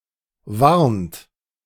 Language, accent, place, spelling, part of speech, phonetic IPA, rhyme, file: German, Germany, Berlin, warnt, verb, [vaʁnt], -aʁnt, De-warnt.ogg
- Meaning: inflection of warnen: 1. third-person singular present 2. second-person plural present 3. plural imperative